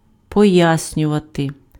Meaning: to explain, to explicate
- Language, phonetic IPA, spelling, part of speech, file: Ukrainian, [pɔˈjasʲnʲʊʋɐte], пояснювати, verb, Uk-пояснювати.ogg